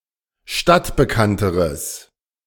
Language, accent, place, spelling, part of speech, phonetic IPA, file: German, Germany, Berlin, stadtbekannteres, adjective, [ˈʃtatbəˌkantəʁəs], De-stadtbekannteres.ogg
- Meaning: strong/mixed nominative/accusative neuter singular comparative degree of stadtbekannt